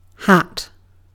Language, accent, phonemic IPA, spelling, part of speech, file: English, Received Pronunciation, /hat/, hat, noun / verb, En-uk-hat.ogg
- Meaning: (noun) A covering for the head, often in the approximate form of a cone, dome or cylinder closed at its top end, and sometimes having a brim and other decoration